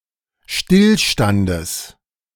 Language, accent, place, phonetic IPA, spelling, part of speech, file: German, Germany, Berlin, [ˈʃtɪlˌʃtandəs], Stillstandes, noun, De-Stillstandes.ogg
- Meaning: genitive singular of Stillstand